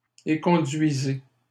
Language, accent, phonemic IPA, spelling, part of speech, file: French, Canada, /e.kɔ̃.dɥi.ze/, éconduisez, verb, LL-Q150 (fra)-éconduisez.wav
- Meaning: inflection of éconduire: 1. second-person plural present indicative 2. second-person plural imperative